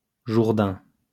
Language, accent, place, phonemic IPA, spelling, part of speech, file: French, France, Lyon, /ʒuʁ.dɛ̃/, Jourdain, proper noun, LL-Q150 (fra)-Jourdain.wav
- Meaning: Jordan (a river in West Asia in the Middle East, that empties into the Dead Sea, flowing through Israel, the Golan Heights, the West Bank and Jordan)